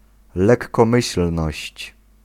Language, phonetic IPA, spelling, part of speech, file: Polish, [ˌlɛkːɔ̃ˈmɨɕl̥nɔɕt͡ɕ], lekkomyślność, noun, Pl-lekkomyślność.ogg